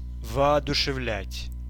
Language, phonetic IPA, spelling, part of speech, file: Russian, [vɐɐdʊʂɨˈvlʲætʲ], воодушевлять, verb, Ru-воодушевлять.ogg
- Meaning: to inspire; to encourage; to cheer up